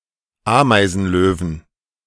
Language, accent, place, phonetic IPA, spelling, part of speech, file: German, Germany, Berlin, [ˈaːmaɪ̯zn̩ˌløːvn̩], Ameisenlöwen, noun, De-Ameisenlöwen.ogg
- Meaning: 1. genitive/dative/accusative singular of Ameisenlöwe 2. plural of Ameisenlöwe